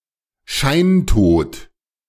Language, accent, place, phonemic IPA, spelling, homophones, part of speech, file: German, Germany, Berlin, /ˈʃaɪ̯ntoːt/, Scheintod, scheintot, noun, De-Scheintod.ogg
- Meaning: a condition in which a living being is without consciousness or signs of life, and so appears dead